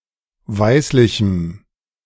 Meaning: strong dative masculine/neuter singular of weißlich
- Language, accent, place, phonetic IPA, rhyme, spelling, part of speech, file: German, Germany, Berlin, [ˈvaɪ̯slɪçm̩], -aɪ̯slɪçm̩, weißlichem, adjective, De-weißlichem.ogg